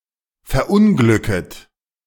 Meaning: second-person plural subjunctive I of verunglücken
- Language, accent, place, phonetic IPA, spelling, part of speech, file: German, Germany, Berlin, [fɛɐ̯ˈʔʊnɡlʏkət], verunglücket, verb, De-verunglücket.ogg